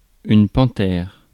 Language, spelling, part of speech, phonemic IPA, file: French, panthère, noun, /pɑ̃.tɛʁ/, Fr-panthère.ogg
- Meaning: panther